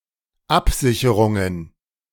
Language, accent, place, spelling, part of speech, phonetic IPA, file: German, Germany, Berlin, Absicherungen, noun, [ˈapˌzɪçəʁʊŋən], De-Absicherungen.ogg
- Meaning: plural of Absicherung